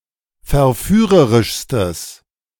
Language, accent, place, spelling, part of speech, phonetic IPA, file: German, Germany, Berlin, verführerischstes, adjective, [fɛɐ̯ˈfyːʁəʁɪʃstəs], De-verführerischstes.ogg
- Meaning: strong/mixed nominative/accusative neuter singular superlative degree of verführerisch